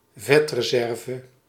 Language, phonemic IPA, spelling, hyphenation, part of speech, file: Dutch, /ˈvɛt.rəˌzɛr.və/, vetreserve, vet‧re‧ser‧ve, noun, Nl-vetreserve.ogg
- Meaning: a fat reserve (reserve energy stored as fat by an organism)